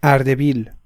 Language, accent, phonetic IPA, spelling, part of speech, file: Persian, Iran, [ʔæɹ.d̪e.biːl̥], اردبیل, proper noun, Ardebil.ogg
- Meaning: 1. Ardabil (a city in Iran, the seat of Ardabil County's Central District and the capital of Ardabil Province) 2. Ardabil (a county of Iran, around the city) 3. Ardabil (a province of Iran)